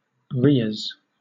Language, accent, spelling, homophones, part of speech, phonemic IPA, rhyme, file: English, Southern England, rheas, rias, noun, /ˈɹiːəz/, -iːəz, LL-Q1860 (eng)-rheas.wav
- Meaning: plural of rhea